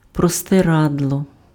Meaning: bedsheet, sheet (thin cloth used as a covering for a mattress)
- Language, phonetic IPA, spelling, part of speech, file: Ukrainian, [prɔsteˈradɫɔ], простирадло, noun, Uk-простирадло.ogg